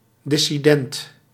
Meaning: dissident
- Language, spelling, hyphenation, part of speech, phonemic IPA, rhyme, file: Dutch, dissident, dis‧si‧dent, noun, /ˌdɪ.siˈdɛnt/, -ɛnt, Nl-dissident.ogg